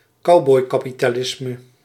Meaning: cowboy capitalism, a form of capitalism that is considered to promote irresponsible risk and greed
- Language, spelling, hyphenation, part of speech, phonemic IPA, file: Dutch, cowboykapitalisme, cow‧boy‧ka‧pi‧ta‧lis‧me, noun, /ˈkɑu̯.bɔi̯.kaː.pi.taːˈlɪs.mə/, Nl-cowboykapitalisme.ogg